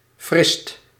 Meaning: superlative degree of fris
- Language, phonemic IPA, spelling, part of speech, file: Dutch, /frɪst/, frist, adjective, Nl-frist.ogg